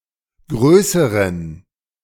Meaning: inflection of groß: 1. strong genitive masculine/neuter singular comparative degree 2. weak/mixed genitive/dative all-gender singular comparative degree
- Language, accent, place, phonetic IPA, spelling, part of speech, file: German, Germany, Berlin, [ˈɡʁøːsəʁən], größeren, adjective, De-größeren.ogg